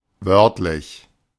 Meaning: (adjective) literal, verbatim; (adverb) literally, verbatim
- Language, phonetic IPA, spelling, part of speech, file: German, [ˈvœʁtlɪç], wörtlich, adjective / adverb, De-wörtlich.oga